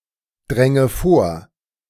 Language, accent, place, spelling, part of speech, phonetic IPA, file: German, Germany, Berlin, dränge vor, verb, [ˌdʁɛŋə ˈfoːɐ̯], De-dränge vor.ogg
- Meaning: first/third-person singular subjunctive II of vordringen